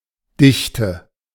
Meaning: density
- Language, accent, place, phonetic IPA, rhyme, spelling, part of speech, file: German, Germany, Berlin, [ˈdɪçtə], -ɪçtə, Dichte, noun, De-Dichte.ogg